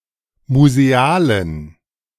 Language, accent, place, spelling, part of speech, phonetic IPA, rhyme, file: German, Germany, Berlin, musealen, adjective, [muzeˈaːlən], -aːlən, De-musealen.ogg
- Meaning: inflection of museal: 1. strong genitive masculine/neuter singular 2. weak/mixed genitive/dative all-gender singular 3. strong/weak/mixed accusative masculine singular 4. strong dative plural